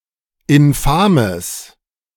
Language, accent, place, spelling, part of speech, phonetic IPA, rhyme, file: German, Germany, Berlin, infames, adjective, [ɪnˈfaːməs], -aːməs, De-infames.ogg
- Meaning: strong/mixed nominative/accusative neuter singular of infam